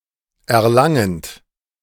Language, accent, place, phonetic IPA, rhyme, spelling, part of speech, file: German, Germany, Berlin, [ɛɐ̯ˈlaŋənt], -aŋənt, erlangend, verb, De-erlangend.ogg
- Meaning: present participle of erlangen